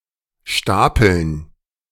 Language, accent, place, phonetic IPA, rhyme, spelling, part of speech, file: German, Germany, Berlin, [ˈʃtaːpl̩n], -aːpl̩n, Stapeln, noun, De-Stapeln.ogg
- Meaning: dative plural of Stapel